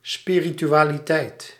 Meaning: spirituality
- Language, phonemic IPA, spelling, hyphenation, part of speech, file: Dutch, /ˌspirityˌwaliˈtɛit/, spiritualiteit, spi‧ri‧tu‧a‧li‧teit, noun, Nl-spiritualiteit.ogg